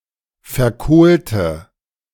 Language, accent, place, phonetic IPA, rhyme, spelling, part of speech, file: German, Germany, Berlin, [fɛɐ̯ˈkoːltə], -oːltə, verkohlte, adjective / verb, De-verkohlte.ogg
- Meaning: inflection of verkohlt: 1. strong/mixed nominative/accusative feminine singular 2. strong nominative/accusative plural 3. weak nominative all-gender singular